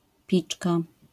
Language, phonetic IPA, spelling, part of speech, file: Polish, [ˈpʲit͡ʃka], piczka, noun, LL-Q809 (pol)-piczka.wav